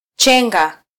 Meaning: 1. to cut into small pieces 2. to dodge
- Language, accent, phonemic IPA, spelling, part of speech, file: Swahili, Kenya, /ˈtʃɛ.ᵑɡɑ/, chenga, verb, Sw-ke-chenga.flac